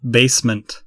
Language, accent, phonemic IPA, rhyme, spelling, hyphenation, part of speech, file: English, US, /ˈbeɪsmənt/, -eɪsmənt, basement, base‧ment, noun, En-us-basement.ogg
- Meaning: 1. A floor of a building below ground level 2. A floor of a building below ground level.: Ellipsis of semi-basement, a floor mostly below grade